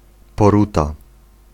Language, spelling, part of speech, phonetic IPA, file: Polish, poruta, noun, [pɔˈruta], Pl-poruta.ogg